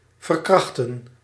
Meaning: to rape, to abuse
- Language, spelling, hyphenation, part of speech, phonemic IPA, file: Dutch, verkrachten, ver‧krach‧ten, verb, /vər.ˈkrɑx.tə(n)/, Nl-verkrachten.ogg